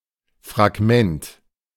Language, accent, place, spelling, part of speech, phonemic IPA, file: German, Germany, Berlin, Fragment, noun, /fraɡˈmɛnt/, De-Fragment.ogg
- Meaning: fragment